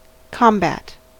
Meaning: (noun) 1. A battle, a fight (often one in which weapons are used) 2. a struggle for victory; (verb) 1. To fight; to struggle against 2. To fight (with); to struggle for victory (against)
- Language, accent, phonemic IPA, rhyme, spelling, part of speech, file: English, US, /ˈkɑmˌbæt/, -æt, combat, noun / verb, En-us-combat.ogg